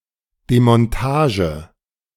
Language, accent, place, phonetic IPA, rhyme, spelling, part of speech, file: German, Germany, Berlin, [demɔnˈtaːʒə], -aːʒə, Demontage, noun, De-Demontage.ogg
- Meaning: dismantling